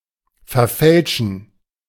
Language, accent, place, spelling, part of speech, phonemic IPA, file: German, Germany, Berlin, verfälschen, verb, /fɛɐ̯ˈfɛlʃn̩/, De-verfälschen.ogg
- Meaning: to falsify, tamper with, distort